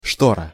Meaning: curtain, shade (for windows)
- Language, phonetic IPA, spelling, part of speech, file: Russian, [ˈʂtorə], штора, noun, Ru-штора.ogg